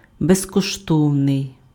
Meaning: free of charge, free
- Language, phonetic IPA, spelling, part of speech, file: Ukrainian, [bezkɔʃˈtɔu̯nei̯], безкоштовний, adjective, Uk-безкоштовний.ogg